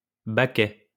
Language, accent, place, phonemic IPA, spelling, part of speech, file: French, France, Lyon, /ba.kɛ/, baquet, noun, LL-Q150 (fra)-baquet.wav
- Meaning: 1. tub; pot 2. washtub, washbasin 3. pail (of water) 4. paintpot 5. bucket seat (of sports car)